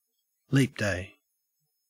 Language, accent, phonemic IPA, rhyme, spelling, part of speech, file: English, Australia, /liːp deɪ/, -eɪ, leap day, noun, En-au-leap day.ogg